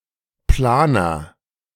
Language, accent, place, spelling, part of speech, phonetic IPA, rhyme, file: German, Germany, Berlin, Planer, noun, [ˈplaːnɐ], -aːnɐ, De-Planer.ogg
- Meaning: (noun) 1. planner 2. organizer; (proper noun) a surname